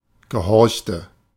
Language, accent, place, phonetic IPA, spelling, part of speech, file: German, Germany, Berlin, [ɡəˈhɔʁçtə], gehorchte, verb, De-gehorchte.ogg
- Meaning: inflection of gehorchen: 1. first/third-person singular preterite 2. first/third-person singular subjunctive II